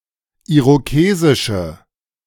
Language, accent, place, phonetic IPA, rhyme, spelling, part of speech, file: German, Germany, Berlin, [ˌiʁoˈkeːzɪʃə], -eːzɪʃə, irokesische, adjective, De-irokesische.ogg
- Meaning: inflection of irokesisch: 1. strong/mixed nominative/accusative feminine singular 2. strong nominative/accusative plural 3. weak nominative all-gender singular